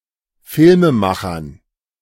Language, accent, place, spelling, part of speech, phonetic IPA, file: German, Germany, Berlin, Filmemachern, noun, [ˈfɪlməˌmaxɐn], De-Filmemachern.ogg
- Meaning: dative plural of Filmemacher